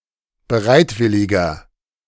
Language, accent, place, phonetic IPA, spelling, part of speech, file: German, Germany, Berlin, [bəˈʁaɪ̯tˌvɪlɪɡɐ], bereitwilliger, adjective, De-bereitwilliger.ogg
- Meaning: 1. comparative degree of bereitwillig 2. inflection of bereitwillig: strong/mixed nominative masculine singular 3. inflection of bereitwillig: strong genitive/dative feminine singular